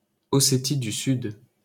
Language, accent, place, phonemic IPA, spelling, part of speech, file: French, France, Paris, /ɔ.se.ti dy syd/, Ossétie du Sud, proper noun, LL-Q150 (fra)-Ossétie du Sud.wav